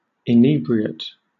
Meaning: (noun) A person who is intoxicated, especially one who is habitually drunk; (adjective) intoxicated; drunk
- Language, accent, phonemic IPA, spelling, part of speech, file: English, Southern England, /ɪˈniːbɹiət/, inebriate, noun / adjective, LL-Q1860 (eng)-inebriate.wav